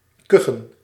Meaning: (verb) to give out a dry and brief cough; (noun) plural of kuch
- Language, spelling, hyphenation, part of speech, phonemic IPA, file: Dutch, kuchen, ku‧chen, verb / noun, /ˈkʏ.xə(n)/, Nl-kuchen.ogg